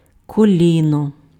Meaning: knee
- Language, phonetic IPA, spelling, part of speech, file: Ukrainian, [koˈlʲinɔ], коліно, noun, Uk-коліно.ogg